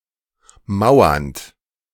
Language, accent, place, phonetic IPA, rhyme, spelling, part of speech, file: German, Germany, Berlin, [ˈmaʊ̯ɐnt], -aʊ̯ɐnt, mauernd, verb, De-mauernd.ogg
- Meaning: present participle of mauern